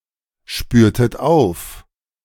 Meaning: inflection of aufspüren: 1. second-person plural preterite 2. second-person plural subjunctive II
- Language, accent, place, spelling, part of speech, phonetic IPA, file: German, Germany, Berlin, spürtet auf, verb, [ˌʃpyːɐ̯tət ˈaʊ̯f], De-spürtet auf.ogg